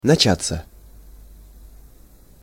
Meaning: 1. to begin, to start, to set in, to break out 2. passive of нача́ть (načátʹ)
- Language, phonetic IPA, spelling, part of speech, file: Russian, [nɐˈt͡ɕat͡sːə], начаться, verb, Ru-начаться.ogg